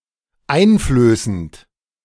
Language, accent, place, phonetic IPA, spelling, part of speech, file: German, Germany, Berlin, [ˈaɪ̯nˌfløːsn̩t], einflößend, verb, De-einflößend.ogg
- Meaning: present participle of einflößen